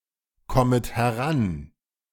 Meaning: second-person plural subjunctive I of herankommen
- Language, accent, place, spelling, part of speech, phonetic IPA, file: German, Germany, Berlin, kommet heran, verb, [ˌkɔmət hɛˈʁan], De-kommet heran.ogg